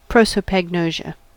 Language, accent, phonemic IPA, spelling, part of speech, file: English, US, /ˌpɹɑsoʊpæɡˈnoʊʒə/, prosopagnosia, noun, En-us-prosopagnosia.ogg
- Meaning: A form of visual agnosia characterized by difficulty with face recognition despite intact low-level visual processing